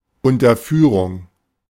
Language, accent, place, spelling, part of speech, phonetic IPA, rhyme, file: German, Germany, Berlin, Unterführung, noun, [ʊntɐˈfyːʁʊŋ], -yːʁʊŋ, De-Unterführung.ogg
- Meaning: underpass